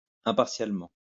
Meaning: impartially
- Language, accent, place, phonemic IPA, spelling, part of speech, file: French, France, Lyon, /ɛ̃.paʁ.sjal.mɑ̃/, impartialement, adverb, LL-Q150 (fra)-impartialement.wav